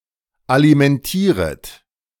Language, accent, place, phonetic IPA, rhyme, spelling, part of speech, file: German, Germany, Berlin, [alimɛnˈtiːʁət], -iːʁət, alimentieret, verb, De-alimentieret.ogg
- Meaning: second-person plural subjunctive I of alimentieren